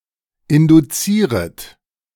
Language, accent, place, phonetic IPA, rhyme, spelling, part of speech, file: German, Germany, Berlin, [ˌɪnduˈt͡siːʁət], -iːʁət, induzieret, verb, De-induzieret.ogg
- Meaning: second-person plural subjunctive I of induzieren